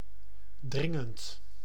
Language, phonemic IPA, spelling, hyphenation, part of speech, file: Dutch, /ˈdrɪ.ŋənt/, dringend, drin‧gend, adjective / verb, Nl-dringend.ogg
- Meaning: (adjective) urgent; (verb) present participle of dringen